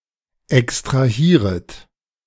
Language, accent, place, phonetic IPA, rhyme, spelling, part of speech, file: German, Germany, Berlin, [ɛkstʁaˈhiːʁət], -iːʁət, extrahieret, verb, De-extrahieret.ogg
- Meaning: second-person plural subjunctive I of extrahieren